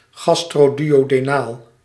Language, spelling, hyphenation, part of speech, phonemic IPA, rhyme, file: Dutch, gastroduodenaal, gas‧tro‧du‧o‧de‧naal, adjective, /ˌɣɑs.troː.dy.oː.deːˈnaːl/, -aːl, Nl-gastroduodenaal.ogg
- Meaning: gastroduodenal